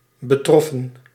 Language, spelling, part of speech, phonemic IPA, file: Dutch, betroffen, verb, /bəˈtrɔfə(n)/, Nl-betroffen.ogg
- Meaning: 1. inflection of betreffen: plural past indicative 2. inflection of betreffen: plural past subjunctive 3. past participle of betreffen